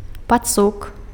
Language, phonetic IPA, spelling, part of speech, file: Belarusian, [paˈt͡suk], пацук, noun, Be-пацук.ogg
- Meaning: rat